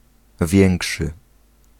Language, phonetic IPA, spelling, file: Polish, [ˈvʲjɛ̃ŋkʃɨ], większy, Pl-większy.ogg